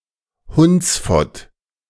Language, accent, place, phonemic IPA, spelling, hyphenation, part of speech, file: German, Germany, Berlin, /ˈhʊnt͡sˌfɔt/, Hundsfott, Hunds‧fott, noun, De-Hundsfott.ogg
- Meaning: scoundrel